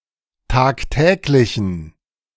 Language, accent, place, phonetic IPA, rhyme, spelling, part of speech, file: German, Germany, Berlin, [ˌtaːkˈtɛːklɪçn̩], -ɛːklɪçn̩, tagtäglichen, adjective, De-tagtäglichen.ogg
- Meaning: inflection of tagtäglich: 1. strong genitive masculine/neuter singular 2. weak/mixed genitive/dative all-gender singular 3. strong/weak/mixed accusative masculine singular 4. strong dative plural